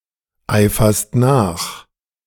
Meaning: second-person singular present of nacheifern
- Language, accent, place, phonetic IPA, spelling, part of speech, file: German, Germany, Berlin, [ˌaɪ̯fɐst ˈnaːx], eiferst nach, verb, De-eiferst nach.ogg